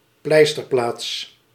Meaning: a place where one rests and refreshes during travels, in particular a rest stop or a station or settlement commonly used for resting
- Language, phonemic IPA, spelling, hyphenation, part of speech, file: Dutch, /ˈplɛi̯s.tərˌplaːts/, pleisterplaats, pleis‧ter‧plaats, noun, Nl-pleisterplaats.ogg